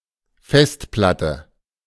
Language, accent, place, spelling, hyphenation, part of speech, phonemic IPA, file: German, Germany, Berlin, Festplatte, Fest‧plat‧te, noun, /ˈfɛstplatə/, De-Festplatte.ogg
- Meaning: hard disk, harddisk